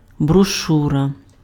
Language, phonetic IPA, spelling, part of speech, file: Ukrainian, [broˈʃurɐ], брошура, noun, Uk-брошура.ogg
- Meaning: brochure